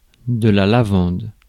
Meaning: lavender (the plant)
- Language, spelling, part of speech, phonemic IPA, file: French, lavande, noun, /la.vɑ̃d/, Fr-lavande.ogg